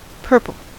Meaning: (noun) A colour between red and blue; violet, though often closer to magenta
- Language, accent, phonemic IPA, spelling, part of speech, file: English, US, /ˈpɝ.pl̩/, purple, noun / adjective / verb, En-us-purple.ogg